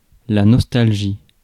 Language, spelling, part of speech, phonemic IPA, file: French, nostalgie, noun, /nɔs.tal.ʒi/, Fr-nostalgie.ogg
- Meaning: nostalgia